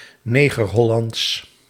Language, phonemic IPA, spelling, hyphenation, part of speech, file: Dutch, /ˈneː.ɣərˌɦɔ.lɑnts/, Negerhollands, Ne‧ger‧hol‧lands, proper noun / adjective, Nl-Negerhollands.ogg
- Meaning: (proper noun) Negerhollands (extinct creole language); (adjective) pertaining to Negerhollands